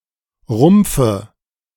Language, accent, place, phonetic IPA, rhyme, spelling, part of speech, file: German, Germany, Berlin, [ˈʁʊmp͡fə], -ʊmp͡fə, Rumpfe, noun, De-Rumpfe.ogg
- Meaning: dative of Rumpf